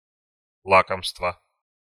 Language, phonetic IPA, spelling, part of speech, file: Russian, [ˈɫakəmstvə], лакомства, noun, Ru-лакомства.ogg
- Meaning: inflection of ла́комство (lákomstvo): 1. genitive singular 2. nominative/accusative plural